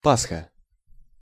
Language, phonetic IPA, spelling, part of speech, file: Russian, [ˈpasxə], пасха, noun, Ru-пасха.ogg
- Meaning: paskha (Easter dessert)